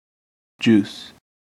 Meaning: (noun) 1. A liquid made from plant, especially fruit 2. A beverage made of juice 3. Any liquid resembling juice.: A soft drink 4. Any liquid resembling juice.: Liquor
- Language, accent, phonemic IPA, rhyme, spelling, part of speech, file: English, US, /d͡ʒus/, -uːs, juice, noun / verb, En-us-juice.ogg